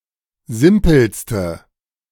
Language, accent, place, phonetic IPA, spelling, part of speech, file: German, Germany, Berlin, [ˈzɪmpl̩stə], simpelste, adjective, De-simpelste.ogg
- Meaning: inflection of simpel: 1. strong/mixed nominative/accusative feminine singular superlative degree 2. strong nominative/accusative plural superlative degree